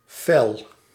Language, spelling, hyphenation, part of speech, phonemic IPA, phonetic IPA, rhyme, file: Dutch, fel, fel, adjective / adverb, /fɛl/, [fɛɫ], -ɛl, Nl-fel.ogg
- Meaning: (adjective) 1. bright, shiny (e.g. sunlight) 2. fierce, feisty, even bitter 3. flashy, showy; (adverb) fiercely